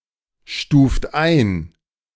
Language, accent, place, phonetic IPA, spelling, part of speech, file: German, Germany, Berlin, [ˌʃtuːft ˈaɪ̯n], stuft ein, verb, De-stuft ein.ogg
- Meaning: inflection of einstufen: 1. second-person plural present 2. third-person singular present 3. plural imperative